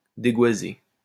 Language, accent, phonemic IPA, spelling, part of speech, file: French, France, /de.ɡwa.ze/, dégoiser, verb, LL-Q150 (fra)-dégoiser.wav
- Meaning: to rattle off (speak volubly)